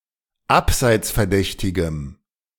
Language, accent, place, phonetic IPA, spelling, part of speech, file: German, Germany, Berlin, [ˈapzaɪ̯t͡sfɛɐ̯ˌdɛçtɪɡəm], abseitsverdächtigem, adjective, De-abseitsverdächtigem.ogg
- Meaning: strong dative masculine/neuter singular of abseitsverdächtig